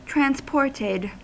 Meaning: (verb) simple past and past participle of transport; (adjective) subjected to transportation
- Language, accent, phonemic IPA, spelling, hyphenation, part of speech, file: English, US, /tɹænzˈpɔɹtɪd/, transported, trans‧port‧ed, verb / adjective, En-us-transported.ogg